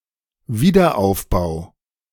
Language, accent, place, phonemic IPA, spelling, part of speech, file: German, Germany, Berlin, /ˈviːdɐʔaʊ̯fˌbaʊ̯/, Wiederaufbau, noun, De-Wiederaufbau.ogg
- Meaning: 1. reconstruction, rebuilding 2. redevelopment